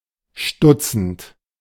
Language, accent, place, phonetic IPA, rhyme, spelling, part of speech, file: German, Germany, Berlin, [ˈʃtʊt͡sn̩t], -ʊt͡sn̩t, stutzend, verb, De-stutzend.ogg
- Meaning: present participle of stutzen